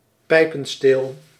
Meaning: pipe handle, shank of a pipe
- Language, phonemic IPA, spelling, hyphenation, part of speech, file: Dutch, /ˈpɛi̯.pə(n)ˌsteːl/, pijpensteel, pij‧pen‧steel, noun, Nl-pijpensteel.ogg